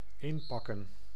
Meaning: 1. to pack up, to load things into a package 2. to wrap into paper or gift-wrap 3. to leave, to depart, to pack one's bags 4. to fascinate, to charm
- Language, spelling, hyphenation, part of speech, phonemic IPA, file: Dutch, inpakken, in‧pak‧ken, verb, /ˈɪn.pɑ.kə(n)/, Nl-inpakken.ogg